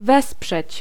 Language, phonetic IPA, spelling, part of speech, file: Polish, [ˈvɛspʃɛt͡ɕ], wesprzeć, verb, Pl-wesprzeć.ogg